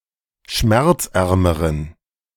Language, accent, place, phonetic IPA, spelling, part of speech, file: German, Germany, Berlin, [ˈʃmɛʁt͡sˌʔɛʁməʁən], schmerzärmeren, adjective, De-schmerzärmeren.ogg
- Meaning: inflection of schmerzarm: 1. strong genitive masculine/neuter singular comparative degree 2. weak/mixed genitive/dative all-gender singular comparative degree